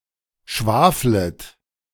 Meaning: second-person plural subjunctive I of schwafeln
- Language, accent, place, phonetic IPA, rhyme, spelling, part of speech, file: German, Germany, Berlin, [ˈʃvaːflət], -aːflət, schwaflet, verb, De-schwaflet.ogg